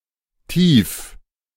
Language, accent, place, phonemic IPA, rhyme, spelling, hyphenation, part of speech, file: German, Germany, Berlin, /ˈtiːf/, -iːf, Tief, Tief, noun, De-Tief.ogg
- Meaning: 1. depression, low (area of comparatively low air pressure) 2. low point (of some real or imaginary statistic)